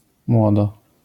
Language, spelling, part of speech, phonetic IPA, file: Polish, młodo, adverb, [ˈmwɔdɔ], LL-Q809 (pol)-młodo.wav